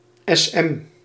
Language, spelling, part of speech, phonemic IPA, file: Dutch, sm, noun, /ɛzˈɛm/, Nl-sm.ogg
- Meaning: sadomasochism